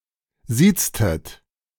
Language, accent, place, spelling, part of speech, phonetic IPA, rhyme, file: German, Germany, Berlin, sieztet, verb, [ˈziːt͡stət], -iːt͡stət, De-sieztet.ogg
- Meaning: inflection of siezen: 1. second-person plural preterite 2. second-person plural subjunctive II